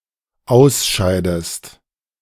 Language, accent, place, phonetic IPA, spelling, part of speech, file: German, Germany, Berlin, [ˈaʊ̯sˌʃaɪ̯dəst], ausscheidest, verb, De-ausscheidest.ogg
- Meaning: inflection of ausscheiden: 1. second-person singular dependent present 2. second-person singular dependent subjunctive I